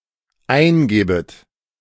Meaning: second-person plural dependent subjunctive II of eingeben
- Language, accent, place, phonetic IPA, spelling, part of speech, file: German, Germany, Berlin, [ˈaɪ̯nˌɡɛːbət], eingäbet, verb, De-eingäbet.ogg